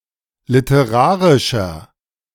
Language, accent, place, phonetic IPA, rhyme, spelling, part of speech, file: German, Germany, Berlin, [lɪtəˈʁaːʁɪʃɐ], -aːʁɪʃɐ, literarischer, adjective, De-literarischer.ogg
- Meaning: 1. comparative degree of literarisch 2. inflection of literarisch: strong/mixed nominative masculine singular 3. inflection of literarisch: strong genitive/dative feminine singular